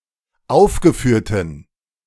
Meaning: inflection of aufgeführt: 1. strong genitive masculine/neuter singular 2. weak/mixed genitive/dative all-gender singular 3. strong/weak/mixed accusative masculine singular 4. strong dative plural
- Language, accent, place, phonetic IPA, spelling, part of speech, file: German, Germany, Berlin, [ˈaʊ̯fɡəˌfyːɐ̯tn̩], aufgeführten, adjective, De-aufgeführten.ogg